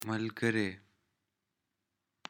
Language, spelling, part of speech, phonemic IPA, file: Pashto, ملګرې, noun, /məlɡəre/, Malgare.ogg
- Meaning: 1. friend 2. companion